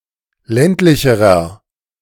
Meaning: inflection of ländlich: 1. strong/mixed nominative masculine singular comparative degree 2. strong genitive/dative feminine singular comparative degree 3. strong genitive plural comparative degree
- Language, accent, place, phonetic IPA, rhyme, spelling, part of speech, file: German, Germany, Berlin, [ˈlɛntlɪçəʁɐ], -ɛntlɪçəʁɐ, ländlicherer, adjective, De-ländlicherer.ogg